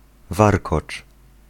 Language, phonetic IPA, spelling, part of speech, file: Polish, [ˈvarkɔt͡ʃ], warkocz, noun / verb, Pl-warkocz.ogg